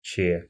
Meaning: The Cyrillic letter Ч, ч
- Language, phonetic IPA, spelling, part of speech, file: Russian, [t͡ɕe], че, noun, Ru-че.ogg